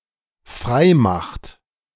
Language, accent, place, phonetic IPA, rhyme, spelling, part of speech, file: German, Germany, Berlin, [ˈfʁaɪ̯ˌmaxt], -aɪ̯maxt, freimacht, verb, De-freimacht.ogg
- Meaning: inflection of freimachen: 1. third-person singular dependent present 2. second-person plural dependent present